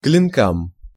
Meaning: dative plural of клино́к (klinók)
- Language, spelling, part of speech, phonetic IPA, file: Russian, клинкам, noun, [klʲɪnˈkam], Ru-клинкам.ogg